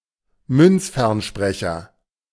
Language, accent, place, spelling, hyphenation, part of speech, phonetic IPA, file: German, Germany, Berlin, Münzfernsprecher, Münz‧fern‧spre‧cher, noun, [ˈmʏnt͡sfɛʁnˌʃpʁɛçɐ], De-Münzfernsprecher.ogg
- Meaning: payphone